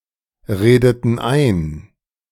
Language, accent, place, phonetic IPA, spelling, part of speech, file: German, Germany, Berlin, [ˌʁeːdətn̩ ˈaɪ̯n], redeten ein, verb, De-redeten ein.ogg
- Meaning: inflection of einreden: 1. first/third-person plural preterite 2. first/third-person plural subjunctive II